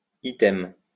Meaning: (adverb) 1. same; in the same way 2. in addition; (noun) 1. item (line of text in a grouping, list) 2. item (of a questionnaire, test) 3. item (collectable object)
- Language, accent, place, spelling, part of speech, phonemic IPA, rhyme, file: French, France, Lyon, item, adverb / noun, /i.tɛm/, -ɛm, LL-Q150 (fra)-item.wav